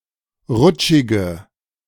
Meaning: inflection of rutschig: 1. strong/mixed nominative/accusative feminine singular 2. strong nominative/accusative plural 3. weak nominative all-gender singular
- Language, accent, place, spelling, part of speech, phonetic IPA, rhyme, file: German, Germany, Berlin, rutschige, adjective, [ˈʁʊt͡ʃɪɡə], -ʊt͡ʃɪɡə, De-rutschige.ogg